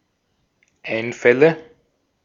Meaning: nominative/accusative/genitive plural of Einfall
- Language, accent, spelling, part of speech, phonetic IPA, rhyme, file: German, Austria, Einfälle, noun, [ˈaɪ̯nˌfɛlə], -aɪ̯nfɛlə, De-at-Einfälle.ogg